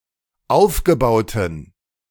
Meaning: inflection of aufgebaut: 1. strong genitive masculine/neuter singular 2. weak/mixed genitive/dative all-gender singular 3. strong/weak/mixed accusative masculine singular 4. strong dative plural
- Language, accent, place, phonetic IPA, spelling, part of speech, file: German, Germany, Berlin, [ˈaʊ̯fɡəˌbaʊ̯tn̩], aufgebauten, adjective, De-aufgebauten.ogg